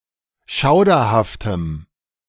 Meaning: strong dative masculine/neuter singular of schauderhaft
- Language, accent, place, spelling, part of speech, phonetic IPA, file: German, Germany, Berlin, schauderhaftem, adjective, [ˈʃaʊ̯dɐhaftəm], De-schauderhaftem.ogg